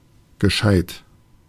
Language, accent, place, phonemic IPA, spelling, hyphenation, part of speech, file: German, Germany, Berlin, /ɡəˈʃaɪ̯t/, gescheit, ge‧scheit, adjective, De-gescheit.ogg
- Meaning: 1. clever, intelligent, wise 2. reasonable, proper, decent, useful